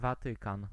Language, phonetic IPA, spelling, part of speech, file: Polish, [vaˈtɨkãn], Watykan, proper noun, Pl-Watykan.ogg